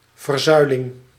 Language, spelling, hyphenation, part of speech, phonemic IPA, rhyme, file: Dutch, verzuiling, ver‧zui‧ling, noun, /vərˈzœy̯.lɪŋ/, -œy̯lɪŋ, Nl-verzuiling.ogg
- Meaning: pillarization, institutional segregation of society according to religious and political identity